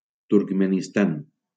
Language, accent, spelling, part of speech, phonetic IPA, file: Catalan, Valencia, Turkmenistan, proper noun, [tuɾɡ.me.nisˈtan], LL-Q7026 (cat)-Turkmenistan.wav
- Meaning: Turkmenistan (a country in Central Asia)